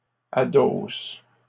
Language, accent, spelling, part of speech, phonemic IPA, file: French, Canada, adosses, verb, /a.dos/, LL-Q150 (fra)-adosses.wav
- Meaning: second-person singular present indicative/subjunctive of adosser